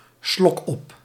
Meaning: a glutton, a pig
- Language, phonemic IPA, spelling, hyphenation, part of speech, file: Dutch, /ˈslɔk.ɔp/, slokop, slok‧op, noun, Nl-slokop.ogg